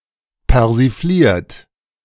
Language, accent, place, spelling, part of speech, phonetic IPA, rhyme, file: German, Germany, Berlin, persifliert, verb, [pɛʁziˈfliːɐ̯t], -iːɐ̯t, De-persifliert.ogg
- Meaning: 1. past participle of persiflieren 2. inflection of persiflieren: third-person singular present 3. inflection of persiflieren: second-person plural present